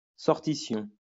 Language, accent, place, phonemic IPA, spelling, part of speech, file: French, France, Lyon, /sɔʁ.ti.sjɔ̃/, sortition, noun, LL-Q150 (fra)-sortition.wav
- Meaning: sortition